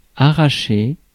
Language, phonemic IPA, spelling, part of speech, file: French, /a.ʁa.ʃe/, arracher, verb, Fr-arracher.ogg
- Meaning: 1. to uproot, pull up, tear out 2. to extract, take out (a tooth) 3. to pull off, rip off, peel 4. to buy, snap up 5. to fight over (something) 6. to scram; to get out 7. to tear away; to tear apart